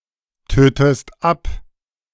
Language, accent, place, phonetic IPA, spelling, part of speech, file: German, Germany, Berlin, [ˌtøːtəst ˈap], tötest ab, verb, De-tötest ab.ogg
- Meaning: inflection of abtöten: 1. second-person singular present 2. second-person singular subjunctive I